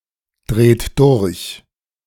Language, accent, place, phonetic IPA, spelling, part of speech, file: German, Germany, Berlin, [ˌdʁeːt ˈdʊʁç], dreht durch, verb, De-dreht durch.ogg
- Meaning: inflection of durchdrehen: 1. third-person singular present 2. second-person plural present 3. plural imperative